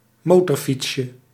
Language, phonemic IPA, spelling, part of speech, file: Dutch, /ˈmotɔrˌfitʃə/, motorfietsje, noun, Nl-motorfietsje.ogg
- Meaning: diminutive of motorfiets